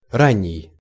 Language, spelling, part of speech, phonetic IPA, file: Russian, ранний, adjective, [ˈranʲːɪj], Ru-ранний.ogg
- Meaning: early